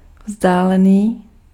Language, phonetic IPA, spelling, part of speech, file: Czech, [ˈvzdaːlɛniː], vzdálený, adjective, Cs-vzdálený.ogg
- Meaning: distant, remote